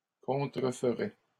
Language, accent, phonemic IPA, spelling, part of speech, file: French, Canada, /kɔ̃.tʁə.f(ə).ʁɛ/, contreferait, verb, LL-Q150 (fra)-contreferait.wav
- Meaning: third-person singular conditional of contrefaire